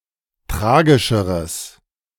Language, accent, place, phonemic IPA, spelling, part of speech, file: German, Germany, Berlin, /ˈtʁaːɡɪʃəʁəs/, tragischeres, adjective, De-tragischeres.ogg
- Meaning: strong/mixed nominative/accusative neuter singular of tragischer